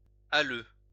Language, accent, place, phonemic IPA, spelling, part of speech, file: French, France, Lyon, /a.lø/, alleu, noun, LL-Q150 (fra)-alleu.wav
- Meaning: allodium, allod (a tenure in land held as an unqualified and unrestricted estate without encumbrance, terminable only upon escheat: a freehold)